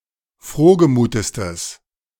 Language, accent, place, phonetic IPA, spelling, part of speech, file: German, Germany, Berlin, [ˈfʁoːɡəˌmuːtəstəs], frohgemutestes, adjective, De-frohgemutestes.ogg
- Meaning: strong/mixed nominative/accusative neuter singular superlative degree of frohgemut